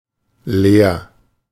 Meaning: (adjective) empty; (verb) 1. singular imperative of leeren 2. first-person singular present of leeren
- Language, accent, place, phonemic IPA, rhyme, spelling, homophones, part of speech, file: German, Germany, Berlin, /leːɐ̯/, -eːɐ̯, leer, lehr, adjective / verb, De-leer.ogg